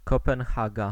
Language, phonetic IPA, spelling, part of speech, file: Polish, [ˌkɔpɛ̃nˈxaɡa], Kopenhaga, proper noun, Pl-Kopenhaga.ogg